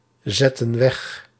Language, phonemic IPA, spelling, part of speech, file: Dutch, /ˈzɛtə(n) ˈwɛx/, zetten weg, verb, Nl-zetten weg.ogg
- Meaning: inflection of wegzetten: 1. plural present/past indicative 2. plural present/past subjunctive